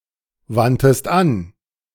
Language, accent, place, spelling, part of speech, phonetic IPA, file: German, Germany, Berlin, wandtest an, verb, [ˌvantəst ˈan], De-wandtest an.ogg
- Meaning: 1. first-person singular preterite of anwenden 2. third-person singular preterite of anwenden# second-person singular preterite of anwenden